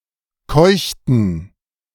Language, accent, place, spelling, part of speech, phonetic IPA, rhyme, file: German, Germany, Berlin, keuchten, verb, [ˈkɔɪ̯çtn̩], -ɔɪ̯çtn̩, De-keuchten.ogg
- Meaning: inflection of keuchen: 1. first/third-person plural preterite 2. first/third-person plural subjunctive II